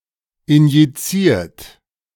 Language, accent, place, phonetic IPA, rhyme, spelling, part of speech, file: German, Germany, Berlin, [ɪnjiˈt͡siːɐ̯t], -iːɐ̯t, injiziert, verb, De-injiziert.ogg
- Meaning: 1. past participle of injizieren 2. inflection of injizieren: third-person singular present 3. inflection of injizieren: second-person plural present 4. inflection of injizieren: plural imperative